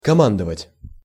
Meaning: 1. to give commands, to be in command (of) 2. to command, to give orders to 3. to boss around, to order around, to dictate to 4. to command, to hold a commanding (i.e. high) position
- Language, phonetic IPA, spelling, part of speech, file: Russian, [kɐˈmandəvətʲ], командовать, verb, Ru-командовать.ogg